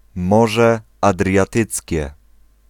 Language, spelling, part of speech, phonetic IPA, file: Polish, Morze Adriatyckie, proper noun, [ˈmɔʒɛ ˌadrʲjaˈtɨt͡sʲcɛ], Pl-Morze Adriatyckie.ogg